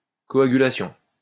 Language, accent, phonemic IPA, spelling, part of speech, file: French, France, /kɔ.a.ɡy.la.sjɔ̃/, coagulation, noun, LL-Q150 (fra)-coagulation.wav
- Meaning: coagulation